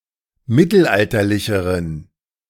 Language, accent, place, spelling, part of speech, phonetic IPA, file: German, Germany, Berlin, mittelalterlicheren, adjective, [ˈmɪtl̩ˌʔaltɐlɪçəʁən], De-mittelalterlicheren.ogg
- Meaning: inflection of mittelalterlich: 1. strong genitive masculine/neuter singular comparative degree 2. weak/mixed genitive/dative all-gender singular comparative degree